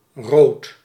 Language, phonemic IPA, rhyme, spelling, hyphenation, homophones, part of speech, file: Dutch, /roːt/, -oːt, rood, rood, Rooth, adjective / noun, Nl-rood.ogg
- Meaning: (adjective) 1. red 2. left, socialist, labor; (noun) the colour red